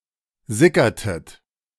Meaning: inflection of sickern: 1. second-person plural preterite 2. second-person plural subjunctive II
- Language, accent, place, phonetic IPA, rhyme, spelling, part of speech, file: German, Germany, Berlin, [ˈzɪkɐtət], -ɪkɐtət, sickertet, verb, De-sickertet.ogg